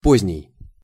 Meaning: late
- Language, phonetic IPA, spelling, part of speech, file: Russian, [ˈpozʲnʲɪj], поздний, adjective, Ru-поздний.ogg